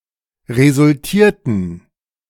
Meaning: inflection of resultiert: 1. strong genitive masculine/neuter singular 2. weak/mixed genitive/dative all-gender singular 3. strong/weak/mixed accusative masculine singular 4. strong dative plural
- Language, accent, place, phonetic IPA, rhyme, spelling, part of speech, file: German, Germany, Berlin, [ʁezʊlˈtiːɐ̯tn̩], -iːɐ̯tn̩, resultierten, verb, De-resultierten.ogg